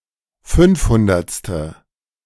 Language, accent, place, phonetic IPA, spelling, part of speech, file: German, Germany, Berlin, [ˈfʏnfˌhʊndɐt͡stə], fünfhundertste, numeral, De-fünfhundertste.ogg
- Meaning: five-hundredth